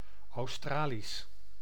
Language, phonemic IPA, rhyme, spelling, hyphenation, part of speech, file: Dutch, /ɑu̯ˈstraːlis/, -aːlis, Australisch, Aus‧tra‧lisch, adjective, Nl-Australisch.ogg
- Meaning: Australian (of, from, or pertaining to Australia, the Australian people or languages)